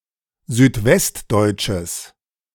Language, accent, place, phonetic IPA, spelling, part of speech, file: German, Germany, Berlin, [zyːtˈvɛstˌdɔɪ̯t͡ʃəs], südwestdeutsches, adjective, De-südwestdeutsches.ogg
- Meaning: strong/mixed nominative/accusative neuter singular of südwestdeutsch